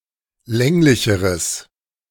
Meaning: strong/mixed nominative/accusative neuter singular comparative degree of länglich
- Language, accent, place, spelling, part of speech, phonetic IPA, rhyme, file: German, Germany, Berlin, länglicheres, adjective, [ˈlɛŋlɪçəʁəs], -ɛŋlɪçəʁəs, De-länglicheres.ogg